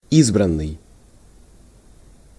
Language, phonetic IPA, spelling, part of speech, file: Russian, [ˈizbrən(ː)ɨj], избранный, verb / adjective, Ru-избранный.ogg
- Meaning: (verb) past passive perfective participle of избра́ть (izbrátʹ); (adjective) chosen, selected